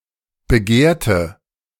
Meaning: inflection of begehrt: 1. strong/mixed nominative/accusative feminine singular 2. strong nominative/accusative plural 3. weak nominative all-gender singular 4. weak accusative feminine/neuter singular
- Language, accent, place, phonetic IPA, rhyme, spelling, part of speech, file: German, Germany, Berlin, [bəˈɡeːɐ̯tə], -eːɐ̯tə, begehrte, adjective, De-begehrte.ogg